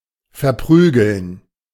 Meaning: to beat up (someone)
- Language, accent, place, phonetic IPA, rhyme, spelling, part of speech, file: German, Germany, Berlin, [fɛɐ̯ˈpʁyːɡl̩n], -yːɡl̩n, verprügeln, verb, De-verprügeln.ogg